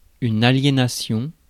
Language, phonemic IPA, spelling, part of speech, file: French, /a.lje.na.sjɔ̃/, aliénation, noun, Fr-aliénation.ogg
- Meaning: alienation